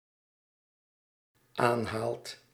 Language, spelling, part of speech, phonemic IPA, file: Dutch, aanhaalt, verb, /ˈanhalt/, Nl-aanhaalt.ogg
- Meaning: second/third-person singular dependent-clause present indicative of aanhalen